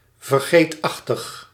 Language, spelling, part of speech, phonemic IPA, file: Dutch, vergeetachtig, adjective, /vərˈɡetɑxtəx/, Nl-vergeetachtig.ogg
- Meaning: forgetful